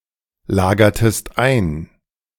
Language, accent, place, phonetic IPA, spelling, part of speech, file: German, Germany, Berlin, [ˌlaːɡɐtəst ˈaɪ̯n], lagertest ein, verb, De-lagertest ein.ogg
- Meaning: inflection of einlagern: 1. second-person singular preterite 2. second-person singular subjunctive II